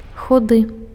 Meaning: skinny, scrawny
- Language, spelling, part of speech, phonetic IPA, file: Belarusian, худы, adjective, [xuˈdɨ], Be-худы.ogg